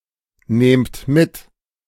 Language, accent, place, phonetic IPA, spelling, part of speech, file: German, Germany, Berlin, [ˌneːmt ˈmɪt], nehmt mit, verb, De-nehmt mit.ogg
- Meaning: inflection of mitnehmen: 1. second-person plural present 2. plural imperative